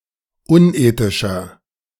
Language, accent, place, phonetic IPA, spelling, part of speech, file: German, Germany, Berlin, [ˈʊnˌʔeːtɪʃɐ], unethischer, adjective, De-unethischer.ogg
- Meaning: 1. comparative degree of unethisch 2. inflection of unethisch: strong/mixed nominative masculine singular 3. inflection of unethisch: strong genitive/dative feminine singular